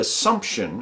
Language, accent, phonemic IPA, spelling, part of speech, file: English, US, /əˈsʌm(p).ʃ(ə)n/, assumption, noun, En-us-assumption.ogg
- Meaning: 1. The act of assuming, or taking to or upon oneself; the act of taking up or adopting 2. The act of taking for granted, or supposing a thing without proof; a supposition; an unwarrantable claim